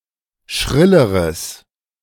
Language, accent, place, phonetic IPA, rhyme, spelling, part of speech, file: German, Germany, Berlin, [ˈʃʁɪləʁəs], -ɪləʁəs, schrilleres, adjective, De-schrilleres.ogg
- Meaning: strong/mixed nominative/accusative neuter singular comparative degree of schrill